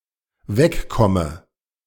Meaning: inflection of wegkommen: 1. first-person singular dependent present 2. first/third-person singular dependent subjunctive I
- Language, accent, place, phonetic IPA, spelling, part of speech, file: German, Germany, Berlin, [ˈvɛkˌkɔmə], wegkomme, verb, De-wegkomme.ogg